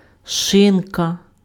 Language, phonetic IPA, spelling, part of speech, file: Ukrainian, [ˈʃɪnkɐ], шинка, noun, Uk-шинка.ogg
- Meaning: ham